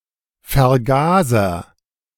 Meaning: carburetor, carburettor
- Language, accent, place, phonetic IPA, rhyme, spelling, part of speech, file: German, Germany, Berlin, [fɛɐ̯ˈɡaːzɐ], -aːzɐ, Vergaser, noun, De-Vergaser.ogg